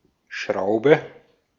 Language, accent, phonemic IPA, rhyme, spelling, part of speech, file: German, Austria, /ˈʃʁaʊ̯bə/, -aʊ̯bə, Schraube, noun, De-at-Schraube.ogg
- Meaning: screw: 1. most iconically, a screw in the sense of a fluted fastener 2. a propeller advancing by helical movement 3. the simple machine called screw